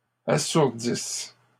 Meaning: second-person singular present/imperfect subjunctive of assourdir
- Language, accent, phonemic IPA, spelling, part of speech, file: French, Canada, /a.suʁ.dis/, assourdisses, verb, LL-Q150 (fra)-assourdisses.wav